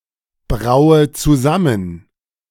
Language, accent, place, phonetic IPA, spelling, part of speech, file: German, Germany, Berlin, [ˌbʁaʊ̯ə t͡suˈzamən], braue zusammen, verb, De-braue zusammen.ogg
- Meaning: inflection of zusammenbrauen: 1. first-person singular present 2. first/third-person singular subjunctive I 3. singular imperative